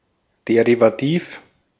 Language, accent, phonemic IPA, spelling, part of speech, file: German, Austria, /ˌdeʁiːvaˑˈtiːf/, derivativ, adjective, De-at-derivativ.ogg
- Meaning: derivative